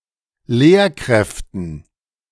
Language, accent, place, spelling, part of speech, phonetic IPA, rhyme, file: German, Germany, Berlin, Lehrkräften, noun, [ˈleːɐ̯ˌkʁɛftn̩], -eːɐ̯kʁɛftn̩, De-Lehrkräften.ogg
- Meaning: dative plural of Lehrkraft